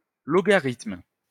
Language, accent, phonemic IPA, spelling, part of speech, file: French, France, /lɔ.ɡa.ʁitm/, logarithme, noun, LL-Q150 (fra)-logarithme.wav
- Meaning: logarithm